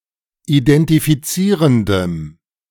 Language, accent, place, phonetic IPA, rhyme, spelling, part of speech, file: German, Germany, Berlin, [idɛntifiˈt͡siːʁəndəm], -iːʁəndəm, identifizierendem, adjective, De-identifizierendem.ogg
- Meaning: strong dative masculine/neuter singular of identifizierend